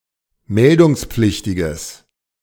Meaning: strong/mixed nominative/accusative neuter singular of meldungspflichtig
- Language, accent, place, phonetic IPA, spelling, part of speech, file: German, Germany, Berlin, [ˈmɛldʊŋsp͡flɪçtɪɡəs], meldungspflichtiges, adjective, De-meldungspflichtiges.ogg